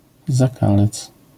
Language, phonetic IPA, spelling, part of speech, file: Polish, [zaˈkalɛt͡s], zakalec, noun, LL-Q809 (pol)-zakalec.wav